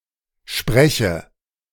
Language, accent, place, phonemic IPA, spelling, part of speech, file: German, Germany, Berlin, /ˈʃpʁɛçə/, spreche, verb, De-spreche.ogg
- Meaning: inflection of sprechen: 1. first-person singular present 2. first/third-person singular subjunctive I